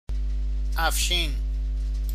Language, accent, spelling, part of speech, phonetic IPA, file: Persian, Iran, افشین, proper noun, [ʔæf.ʃíːn], Fa-افشین.ogg
- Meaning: a male given name, Afshin, from Middle Persian